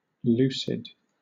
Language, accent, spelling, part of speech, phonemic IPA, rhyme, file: English, Southern England, lucid, adjective / noun, /ˈl(j)uːsɪd/, -uːsɪd, LL-Q1860 (eng)-lucid.wav
- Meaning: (adjective) 1. Clear; easily understood 2. Mentally rational; sane 3. Bright, luminous, translucent, or transparent; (noun) A lucid dream